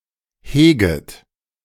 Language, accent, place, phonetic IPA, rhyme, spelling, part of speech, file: German, Germany, Berlin, [ˈheːɡət], -eːɡət, heget, verb, De-heget.ogg
- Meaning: second-person plural subjunctive I of hegen